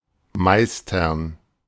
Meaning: to master (acquire complete knowledge or skill in art, technique or subject)
- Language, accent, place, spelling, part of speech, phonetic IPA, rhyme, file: German, Germany, Berlin, meistern, verb, [ˈmaɪ̯stɐn], -aɪ̯stɐn, De-meistern.ogg